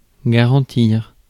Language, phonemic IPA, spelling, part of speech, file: French, /ɡa.ʁɑ̃.tiʁ/, garantir, verb, Fr-garantir.ogg
- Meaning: 1. to guarantee (to assure that something will get done right) 2. to protect, preserve